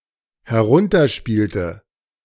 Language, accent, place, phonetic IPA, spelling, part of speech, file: German, Germany, Berlin, [hɛˈʁʊntɐˌʃpiːltə], herunterspielte, verb, De-herunterspielte.ogg
- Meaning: inflection of herunterspielen: 1. first/third-person singular dependent preterite 2. first/third-person singular dependent subjunctive II